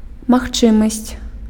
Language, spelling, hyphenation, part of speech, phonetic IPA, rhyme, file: Belarusian, магчымасць, маг‧чы‧масць, noun, [maxˈt͡ʂɨmasʲt͡sʲ], -ɨmasʲt͡sʲ, Be-магчымасць.ogg
- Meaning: 1. possibility (that which can happen, be realized, be accomplished under certain conditions) 2. permissibility 3. possibility (means, conditions necessary for the accomplishment of something)